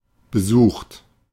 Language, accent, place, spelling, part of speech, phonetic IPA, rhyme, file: German, Germany, Berlin, besucht, adjective / verb, [bəˈzuːxt], -uːxt, De-besucht.ogg
- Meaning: 1. past participle of besuchen 2. inflection of besuchen: third-person singular present 3. inflection of besuchen: second-person plural present 4. inflection of besuchen: plural imperative